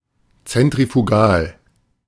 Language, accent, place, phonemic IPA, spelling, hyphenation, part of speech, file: German, Germany, Berlin, /t͡sɛntʁifuˈɡaːl/, zentrifugal, zen‧t‧ri‧fu‧gal, adjective, De-zentrifugal.ogg
- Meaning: centrifugal